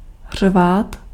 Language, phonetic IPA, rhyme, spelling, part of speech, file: Czech, [ˈr̝vaːt], -aːt, řvát, verb, Cs-řvát.ogg
- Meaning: to yell, roar